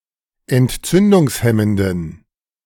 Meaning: inflection of entzündungshemmend: 1. strong genitive masculine/neuter singular 2. weak/mixed genitive/dative all-gender singular 3. strong/weak/mixed accusative masculine singular
- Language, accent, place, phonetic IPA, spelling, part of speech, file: German, Germany, Berlin, [ɛntˈt͡sʏndʊŋsˌhɛməndn̩], entzündungshemmenden, adjective, De-entzündungshemmenden.ogg